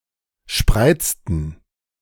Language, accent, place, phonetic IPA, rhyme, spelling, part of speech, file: German, Germany, Berlin, [ˈʃpʁaɪ̯t͡stn̩], -aɪ̯t͡stn̩, spreizten, verb, De-spreizten.ogg
- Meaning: inflection of spreizen: 1. first/third-person plural preterite 2. first/third-person plural subjunctive II